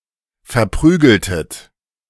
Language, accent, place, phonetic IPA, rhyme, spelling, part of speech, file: German, Germany, Berlin, [fɛɐ̯ˈpʁyːɡl̩tət], -yːɡl̩tət, verprügeltet, verb, De-verprügeltet.ogg
- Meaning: inflection of verprügeln: 1. second-person plural preterite 2. second-person plural subjunctive II